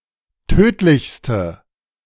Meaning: inflection of tödlich: 1. strong/mixed nominative/accusative feminine singular superlative degree 2. strong nominative/accusative plural superlative degree
- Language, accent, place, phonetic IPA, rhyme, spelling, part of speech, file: German, Germany, Berlin, [ˈtøːtlɪçstə], -øːtlɪçstə, tödlichste, adjective, De-tödlichste.ogg